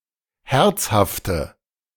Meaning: inflection of herzhaft: 1. strong/mixed nominative/accusative feminine singular 2. strong nominative/accusative plural 3. weak nominative all-gender singular
- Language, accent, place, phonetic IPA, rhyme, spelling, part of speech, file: German, Germany, Berlin, [ˈhɛʁt͡shaftə], -ɛʁt͡shaftə, herzhafte, adjective, De-herzhafte.ogg